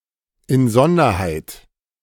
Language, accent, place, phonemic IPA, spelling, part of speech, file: German, Germany, Berlin, /ɪn ˈzɔndɐhaɪ̯t/, in Sonderheit, prepositional phrase, De-in Sonderheit.ogg
- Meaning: particularly, especially